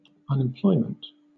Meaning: 1. The state of having no job; joblessness 2. The phenomenon of joblessness in an economy 3. The level of joblessness in an economy, often measured as a percentage of the workforce
- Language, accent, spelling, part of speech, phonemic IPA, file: English, Southern England, unemployment, noun, /ʌn.ɪmˈplɔɪ.mənt/, LL-Q1860 (eng)-unemployment.wav